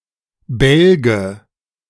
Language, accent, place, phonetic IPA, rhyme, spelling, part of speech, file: German, Germany, Berlin, [ˈbɛlɡə], -ɛlɡə, Bälge, noun, De-Bälge.ogg
- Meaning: nominative/accusative/genitive plural of Balg